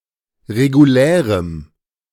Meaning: strong dative masculine/neuter singular of regulär
- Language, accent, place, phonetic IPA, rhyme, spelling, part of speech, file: German, Germany, Berlin, [ʁeɡuˈlɛːʁəm], -ɛːʁəm, regulärem, adjective, De-regulärem.ogg